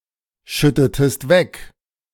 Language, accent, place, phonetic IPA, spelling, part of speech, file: German, Germany, Berlin, [ˌʃʏtətəst ˈvɛk], schüttetest weg, verb, De-schüttetest weg.ogg
- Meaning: inflection of wegschütten: 1. second-person singular preterite 2. second-person singular subjunctive II